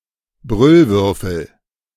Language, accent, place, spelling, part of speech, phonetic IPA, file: German, Germany, Berlin, Brüllwürfel, noun, [ˈbʁʏlˌvʏʁfl̩], De-Brüllwürfel.ogg
- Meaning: bad quality speakers